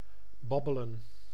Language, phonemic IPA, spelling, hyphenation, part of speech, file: Dutch, /ˈbɑbələ(n)/, babbelen, bab‧be‧len, verb, Nl-babbelen.ogg
- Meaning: 1. to chatter, to chit-chat, to talk casually 2. to nibble, to bite on something